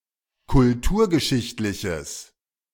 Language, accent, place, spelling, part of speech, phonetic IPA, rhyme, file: German, Germany, Berlin, kulturgeschichtliches, adjective, [kʊlˈtuːɐ̯ɡəˌʃɪçtlɪçəs], -uːɐ̯ɡəʃɪçtlɪçəs, De-kulturgeschichtliches.ogg
- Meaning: strong/mixed nominative/accusative neuter singular of kulturgeschichtlich